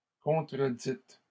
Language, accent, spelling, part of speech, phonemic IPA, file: French, Canada, contredites, verb, /kɔ̃.tʁə.dit/, LL-Q150 (fra)-contredites.wav
- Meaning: feminine plural of contredit